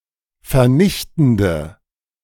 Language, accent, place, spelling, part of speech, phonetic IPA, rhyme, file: German, Germany, Berlin, vernichtende, adjective, [fɛɐ̯ˈnɪçtn̩də], -ɪçtn̩də, De-vernichtende.ogg
- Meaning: inflection of vernichtend: 1. strong/mixed nominative/accusative feminine singular 2. strong nominative/accusative plural 3. weak nominative all-gender singular